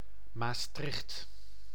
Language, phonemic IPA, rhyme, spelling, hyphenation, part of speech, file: Dutch, /maːsˈtrɪxt/, -ɪxt, Maastricht, Maas‧tricht, proper noun, Nl-Maastricht.ogg
- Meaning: Maastricht (a city, municipality, and capital of Limburg, Netherlands)